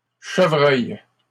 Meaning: plural of chevreuil
- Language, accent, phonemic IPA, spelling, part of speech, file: French, Canada, /ʃə.vʁœj/, chevreuils, noun, LL-Q150 (fra)-chevreuils.wav